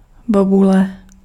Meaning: berry (a small fruit)
- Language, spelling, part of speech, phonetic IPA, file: Czech, bobule, noun, [ˈbobulɛ], Cs-bobule.ogg